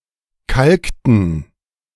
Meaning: inflection of kalken: 1. first/third-person plural preterite 2. first/third-person plural subjunctive II
- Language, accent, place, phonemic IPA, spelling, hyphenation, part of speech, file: German, Germany, Berlin, /ˈkalktən/, kalkten, kalk‧ten, verb, De-kalkten.ogg